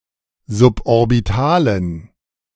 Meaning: inflection of suborbital: 1. strong genitive masculine/neuter singular 2. weak/mixed genitive/dative all-gender singular 3. strong/weak/mixed accusative masculine singular 4. strong dative plural
- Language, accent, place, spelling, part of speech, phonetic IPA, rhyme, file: German, Germany, Berlin, suborbitalen, adjective, [zʊpʔɔʁbɪˈtaːlən], -aːlən, De-suborbitalen.ogg